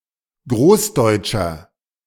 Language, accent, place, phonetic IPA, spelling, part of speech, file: German, Germany, Berlin, [ˈɡʁoːsˌdɔɪ̯t͡ʃɐ], großdeutscher, adjective, De-großdeutscher.ogg
- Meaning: inflection of großdeutsch: 1. strong/mixed nominative masculine singular 2. strong genitive/dative feminine singular 3. strong genitive plural